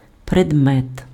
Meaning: 1. object 2. subject, topic 3. subject 4. article, commodity, item
- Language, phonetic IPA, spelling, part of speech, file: Ukrainian, [predˈmɛt], предмет, noun, Uk-предмет.ogg